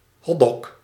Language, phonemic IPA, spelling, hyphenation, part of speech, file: Dutch, /ˈɦɔ(t).dɔɡ/, hotdog, hot‧dog, noun, Nl-hotdog.ogg
- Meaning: hot dog